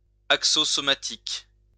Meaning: somatic
- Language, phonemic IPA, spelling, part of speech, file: French, /sɔ.ma.tik/, somatique, adjective, LL-Q150 (fra)-somatique.wav